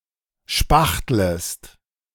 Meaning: second-person singular subjunctive I of spachteln
- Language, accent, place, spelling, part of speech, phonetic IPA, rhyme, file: German, Germany, Berlin, spachtlest, verb, [ˈʃpaxtləst], -axtləst, De-spachtlest.ogg